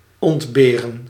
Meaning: 1. to lack (to not have) 2. to lack (to be missing, to be absent)
- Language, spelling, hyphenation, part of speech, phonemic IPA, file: Dutch, ontberen, ont‧be‧ren, verb, /ˌɔntˈbeː.rə(n)/, Nl-ontberen.ogg